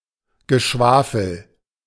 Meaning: nonsense, gibberish (speech or writing that is meaningless, or pointless and vague)
- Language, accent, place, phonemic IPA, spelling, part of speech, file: German, Germany, Berlin, /ɡəˈʃvaːfl̩/, Geschwafel, noun, De-Geschwafel.ogg